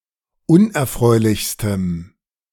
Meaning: strong dative masculine/neuter singular superlative degree of unerfreulich
- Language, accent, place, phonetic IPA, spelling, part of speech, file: German, Germany, Berlin, [ˈʊnʔɛɐ̯ˌfʁɔɪ̯lɪçstəm], unerfreulichstem, adjective, De-unerfreulichstem.ogg